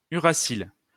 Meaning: uracil
- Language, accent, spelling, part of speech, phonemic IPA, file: French, France, uracile, noun, /y.ʁa.sil/, LL-Q150 (fra)-uracile.wav